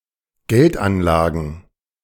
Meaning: plural of Geldanlage
- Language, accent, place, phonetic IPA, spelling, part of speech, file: German, Germany, Berlin, [ˈɡɛltʔanˌlaːɡn̩], Geldanlagen, noun, De-Geldanlagen.ogg